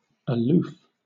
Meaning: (adverb) 1. At or from a distance, but within view, or at a small distance; apart; away 2. Without sympathy; unfavorably; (adjective) Either physically or emotionally remote: distant, standoffish
- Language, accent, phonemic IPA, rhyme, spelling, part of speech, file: English, Southern England, /əˈluːf/, -uːf, aloof, adverb / adjective / preposition, LL-Q1860 (eng)-aloof.wav